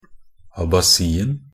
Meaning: definite singular of abasi
- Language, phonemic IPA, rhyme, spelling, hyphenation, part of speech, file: Norwegian Bokmål, /abaˈsiːn̩/, -iːn̩, abasien, a‧ba‧si‧en, noun, Nb-abasien.ogg